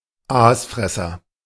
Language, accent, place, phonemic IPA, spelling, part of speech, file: German, Germany, Berlin, /ˈaːsˌfʁɛsɐ/, Aasfresser, noun, De-Aasfresser.ogg
- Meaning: necrophage (an animal that feeds on carrion)